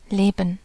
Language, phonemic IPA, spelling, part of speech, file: German, /ˈleːbən/, leben, verb, De-leben.ogg
- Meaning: 1. to live, to be alive 2. to dwell, to reside 3. to live, to exist, to occupy a place 4. to live off, subsist (on), to survive (off)